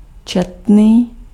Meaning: numerous
- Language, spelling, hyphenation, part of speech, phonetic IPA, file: Czech, četný, čet‧ný, adjective, [ˈt͡ʃɛtniː], Cs-četný.ogg